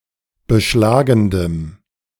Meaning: strong dative masculine/neuter singular of beschlagend
- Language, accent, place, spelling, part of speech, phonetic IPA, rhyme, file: German, Germany, Berlin, beschlagendem, adjective, [bəˈʃlaːɡn̩dəm], -aːɡn̩dəm, De-beschlagendem.ogg